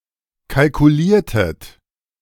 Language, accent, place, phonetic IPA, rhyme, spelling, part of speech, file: German, Germany, Berlin, [kalkuˈliːɐ̯tət], -iːɐ̯tət, kalkuliertet, verb, De-kalkuliertet.ogg
- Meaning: inflection of kalkulieren: 1. second-person plural preterite 2. second-person plural subjunctive II